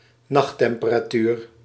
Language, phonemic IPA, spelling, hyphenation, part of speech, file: Dutch, /ˈnɑx.tɛm.pə.raːˌtyːr/, nachttemperatuur, nacht‧temperatuur, noun, Nl-nachttemperatuur.ogg
- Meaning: night temperature, nocturnal temperature